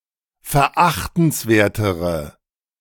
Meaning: inflection of verachtenswert: 1. strong/mixed nominative/accusative feminine singular comparative degree 2. strong nominative/accusative plural comparative degree
- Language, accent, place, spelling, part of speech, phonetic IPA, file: German, Germany, Berlin, verachtenswertere, adjective, [fɛɐ̯ˈʔaxtn̩sˌveːɐ̯təʁə], De-verachtenswertere.ogg